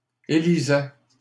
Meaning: third-person plural imperfect indicative of élire
- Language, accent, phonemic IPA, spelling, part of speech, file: French, Canada, /e.li.zɛ/, élisaient, verb, LL-Q150 (fra)-élisaient.wav